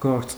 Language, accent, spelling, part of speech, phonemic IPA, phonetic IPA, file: Armenian, Eastern Armenian, գործ, noun, /ɡoɾt͡s/, [ɡoɾt͡s], Hy-գործ.ogg
- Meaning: 1. work 2. job, occupation, employment 3. concern, business, affair 4. work; paper 5. file, dossier 6. case, legal case